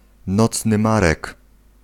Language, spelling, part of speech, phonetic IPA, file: Polish, nocny marek, noun, [ˈnɔt͡snɨ ˈmarɛk], Pl-nocny marek.ogg